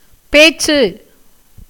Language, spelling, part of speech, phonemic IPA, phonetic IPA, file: Tamil, பேச்சு, noun, /peːtʃtʃɯ/, [peːssɯ], Ta-பேச்சு.ogg
- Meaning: conversation, speech, talk